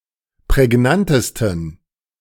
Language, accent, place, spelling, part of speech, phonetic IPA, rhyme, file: German, Germany, Berlin, prägnantesten, adjective, [pʁɛˈɡnantəstn̩], -antəstn̩, De-prägnantesten.ogg
- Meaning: 1. superlative degree of prägnant 2. inflection of prägnant: strong genitive masculine/neuter singular superlative degree